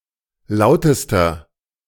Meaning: inflection of laut: 1. strong/mixed nominative masculine singular superlative degree 2. strong genitive/dative feminine singular superlative degree 3. strong genitive plural superlative degree
- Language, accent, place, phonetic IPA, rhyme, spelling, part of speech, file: German, Germany, Berlin, [ˈlaʊ̯təstɐ], -aʊ̯təstɐ, lautester, adjective, De-lautester.ogg